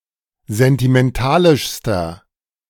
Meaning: inflection of sentimentalisch: 1. strong/mixed nominative masculine singular superlative degree 2. strong genitive/dative feminine singular superlative degree
- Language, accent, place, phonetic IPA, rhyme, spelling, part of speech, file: German, Germany, Berlin, [zɛntimɛnˈtaːlɪʃstɐ], -aːlɪʃstɐ, sentimentalischster, adjective, De-sentimentalischster.ogg